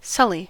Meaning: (verb) 1. To soil or stain; to dirty 2. To corrupt or damage 3. To become soiled or tarnished; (noun) A blemish
- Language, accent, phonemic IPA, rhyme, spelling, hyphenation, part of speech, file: English, General American, /ˈsʌli/, -ʌli, sully, sul‧ly, verb / noun, En-us-sully.ogg